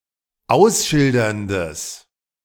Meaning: strong/mixed nominative/accusative neuter singular of ausschildernd
- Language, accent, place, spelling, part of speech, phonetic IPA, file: German, Germany, Berlin, ausschilderndes, adjective, [ˈaʊ̯sˌʃɪldɐndəs], De-ausschilderndes.ogg